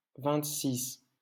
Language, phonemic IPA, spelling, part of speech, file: French, /vɛ̃t.sis/, vingt-six, numeral, LL-Q150 (fra)-vingt-six.wav
- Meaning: twenty-six